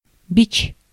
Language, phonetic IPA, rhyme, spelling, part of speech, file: Russian, [bʲit͡ɕ], -it͡ɕ, бич, noun, Ru-бич.ogg
- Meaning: 1. whip, scourge 2. scourge (a source of trouble, suffering, or destruction) 3. swipple 4. bum, hobo (impoverished, homeless person)